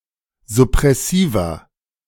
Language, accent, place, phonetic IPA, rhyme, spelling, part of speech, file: German, Germany, Berlin, [zʊpʁɛˈsiːvɐ], -iːvɐ, suppressiver, adjective, De-suppressiver.ogg
- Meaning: 1. comparative degree of suppressiv 2. inflection of suppressiv: strong/mixed nominative masculine singular 3. inflection of suppressiv: strong genitive/dative feminine singular